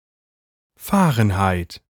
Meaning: Fahrenheit
- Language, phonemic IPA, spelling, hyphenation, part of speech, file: German, /ˈfaːʁənhaɪ̯t/, Fahrenheit, Fah‧ren‧heit, noun, De-Fahrenheit.ogg